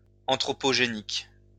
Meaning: anthropogenic
- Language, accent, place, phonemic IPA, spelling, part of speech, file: French, France, Lyon, /ɑ̃.tʁɔ.pɔ.ʒe.nik/, anthropogénique, adjective, LL-Q150 (fra)-anthropogénique.wav